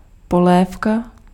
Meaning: soup
- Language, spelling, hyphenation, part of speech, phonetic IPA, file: Czech, polévka, po‧lév‧ka, noun, [ˈpolɛːfka], Cs-polévka.ogg